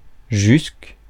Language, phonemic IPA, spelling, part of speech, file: French, /ʒysk/, jusque, preposition, Fr-jusque.ogg
- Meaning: until, up to